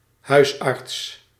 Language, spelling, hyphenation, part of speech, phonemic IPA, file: Dutch, huisarts, huis‧arts, noun, /ˈhœysɑrts/, Nl-huisarts.ogg
- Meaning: general practitioner, primary care physician